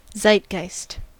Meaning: The spirit of the age; the taste, outlook, and spirit characteristic of a period
- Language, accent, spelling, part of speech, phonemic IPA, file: English, US, zeitgeist, noun, /ˈzaɪtˌɡaɪst/, En-us-zeitgeist.ogg